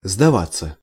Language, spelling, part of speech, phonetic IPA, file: Russian, сдаваться, verb, [zdɐˈvat͡sːə], Ru-сдаваться.ogg
- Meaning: 1. to surrender, to yield 2. to give up, to give in 3. to give in, to give way 4. passive of сдава́ть (sdavátʹ) 5. to seem